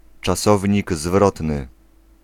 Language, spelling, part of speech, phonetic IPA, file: Polish, czasownik zwrotny, noun, [t͡ʃaˈsɔvʲɲiɡ ˈzvrɔtnɨ], Pl-czasownik zwrotny.ogg